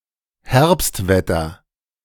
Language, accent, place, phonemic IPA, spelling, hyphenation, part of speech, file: German, Germany, Berlin, /ˈhɛʁpstˌvɛtɐ/, Herbstwetter, Herbst‧wet‧ter, noun, De-Herbstwetter.ogg
- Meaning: autumn weather